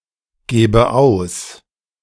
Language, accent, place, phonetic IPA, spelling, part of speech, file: German, Germany, Berlin, [ˌɡeːbə ˈaʊ̯s], gebe aus, verb, De-gebe aus.ogg
- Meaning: inflection of ausgeben: 1. first-person singular present 2. first/third-person singular subjunctive I